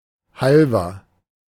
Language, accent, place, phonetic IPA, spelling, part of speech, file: German, Germany, Berlin, [ˈhalvɐ], Halver, proper noun, De-Halver.ogg
- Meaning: a town in North Rhine-Westphalia, Germany in the Sauerland